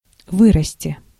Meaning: 1. to grow, to increase 2. to arise, to appear, to rise up, to sprout 3. to grow up 4. second-person singular imperative perfective of вы́растить (výrastitʹ)
- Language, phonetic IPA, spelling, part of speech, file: Russian, [ˈvɨrəsʲtʲɪ], вырасти, verb, Ru-вырасти.ogg